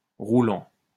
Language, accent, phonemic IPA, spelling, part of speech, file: French, France, /ʁu.lɑ̃/, roulant, verb / adjective, LL-Q150 (fra)-roulant.wav
- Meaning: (verb) present participle of rouler; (adjective) 1. equipped with wheels 2. Equipped with rolling cylinders or similar mechanisms for transportation of things 3. Very funny